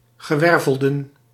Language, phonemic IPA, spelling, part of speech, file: Dutch, /ɣəˈwɛrvəldə(n)/, gewervelden, noun, Nl-gewervelden.ogg
- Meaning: plural of gewervelde